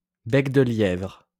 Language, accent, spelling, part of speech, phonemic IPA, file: French, France, bec-de-lièvre, noun, /bɛk.də.ljɛvʁ/, LL-Q150 (fra)-bec-de-lièvre.wav
- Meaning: cleft lip; harelip